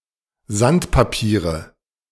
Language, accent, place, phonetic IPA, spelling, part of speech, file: German, Germany, Berlin, [ˈzantpaˌpiːʁə], Sandpapiere, noun, De-Sandpapiere.ogg
- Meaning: nominative/accusative/genitive plural of Sandpapier